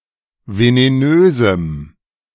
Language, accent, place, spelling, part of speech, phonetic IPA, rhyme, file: German, Germany, Berlin, venenösem, adjective, [veneˈnøːzm̩], -øːzm̩, De-venenösem.ogg
- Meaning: strong dative masculine/neuter singular of venenös